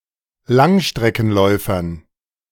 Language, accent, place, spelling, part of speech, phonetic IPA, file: German, Germany, Berlin, Langstreckenläufern, noun, [ˈlaŋʃtʁɛkn̩ˌlɔɪ̯fɐn], De-Langstreckenläufern.ogg
- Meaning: dative plural of Langstreckenläufer